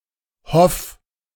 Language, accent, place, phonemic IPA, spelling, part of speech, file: German, Germany, Berlin, /hɔf/, hoff, verb, De-hoff.ogg
- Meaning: 1. singular imperative of hoffen 2. first-person singular present of hoffen